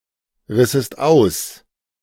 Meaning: second-person singular subjunctive II of ausreißen
- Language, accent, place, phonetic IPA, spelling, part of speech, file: German, Germany, Berlin, [ˌʁɪsəst ˈaʊ̯s], rissest aus, verb, De-rissest aus.ogg